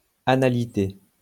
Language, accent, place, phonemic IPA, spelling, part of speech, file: French, France, Lyon, /a.na.li.te/, analité, noun, LL-Q150 (fra)-analité.wav
- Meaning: anality